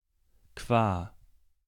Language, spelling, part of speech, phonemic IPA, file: German, qua, preposition, /kvaː/, De-qua.ogg
- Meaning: by